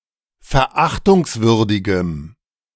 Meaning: strong dative masculine/neuter singular of verachtungswürdig
- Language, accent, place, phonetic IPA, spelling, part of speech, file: German, Germany, Berlin, [fɛɐ̯ˈʔaxtʊŋsˌvʏʁdɪɡəm], verachtungswürdigem, adjective, De-verachtungswürdigem.ogg